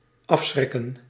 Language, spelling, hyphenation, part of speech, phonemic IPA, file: Dutch, afschrikken, af‧schrik‧ken, verb, /ˈɑfsxrɪkə(n)/, Nl-afschrikken.ogg
- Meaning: 1. to scare off 2. to deter by fear